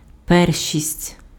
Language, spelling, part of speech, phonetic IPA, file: Ukrainian, першість, noun, [ˈpɛrʃʲisʲtʲ], Uk-першість.ogg
- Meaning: 1. first place (leading position) 2. primacy, precedence